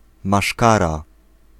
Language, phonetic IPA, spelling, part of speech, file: Polish, [maˈʃkara], maszkara, noun, Pl-maszkara.ogg